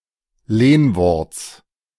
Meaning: genitive singular of Lehnwort
- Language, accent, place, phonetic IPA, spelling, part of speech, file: German, Germany, Berlin, [ˈleːnvɔʁt͡s], Lehnworts, noun, De-Lehnworts.ogg